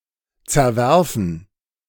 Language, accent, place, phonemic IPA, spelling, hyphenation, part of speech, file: German, Germany, Berlin, /t͡sɛɐ̯ˈvɛʁfn̩/, zerwerfen, zer‧wer‧fen, verb, De-zerwerfen.ogg
- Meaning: 1. to break by throwing 2. to fall out